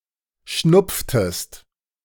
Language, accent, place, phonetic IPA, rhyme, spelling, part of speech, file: German, Germany, Berlin, [ˈʃnʊp͡ftəst], -ʊp͡ftəst, schnupftest, verb, De-schnupftest.ogg
- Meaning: inflection of schnupfen: 1. second-person singular preterite 2. second-person singular subjunctive II